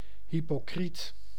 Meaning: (noun) hypocrite; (adjective) hypocritical, characterized by hypocrisy or being a hypocrite
- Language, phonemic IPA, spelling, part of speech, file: Dutch, /ɦipoˈkrit/, hypocriet, noun / adjective, Nl-hypocriet.ogg